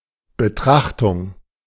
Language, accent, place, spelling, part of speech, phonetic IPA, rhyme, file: German, Germany, Berlin, Betrachtung, noun, [bəˈtʁaxtʊŋ], -axtʊŋ, De-Betrachtung.ogg
- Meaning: 1. contemplation 2. viewing